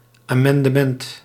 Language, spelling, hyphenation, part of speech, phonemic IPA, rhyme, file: Dutch, amendement, amen‧de‧ment, noun, /ˌaː.mɑn.dəˈmɛnt/, -ɛnt, Nl-amendement.ogg
- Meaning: amendment, change or addition to a proposed law, ordinance or rule